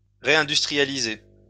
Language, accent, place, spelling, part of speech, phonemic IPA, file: French, France, Lyon, réindustrialiser, verb, /ʁe.ɛ̃.dys.tʁi.ja.li.ze/, LL-Q150 (fra)-réindustrialiser.wav
- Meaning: to reindustrialize